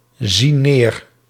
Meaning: inflection of neerzien: 1. plural present indicative 2. plural present subjunctive
- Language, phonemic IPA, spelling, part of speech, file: Dutch, /ˈzin ˈner/, zien neer, verb, Nl-zien neer.ogg